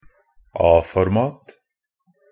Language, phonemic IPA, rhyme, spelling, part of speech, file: Norwegian Bokmål, /ˈɑːfɔrmɑːt/, -ɑːt, A-format, noun, Pronunciation of Norwegian Bokmål «a-format».ogg
- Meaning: standard paper format series based on the basic format A0 = 841 x 1189 mm and the surface content 1 m2, where each new format is half of the previous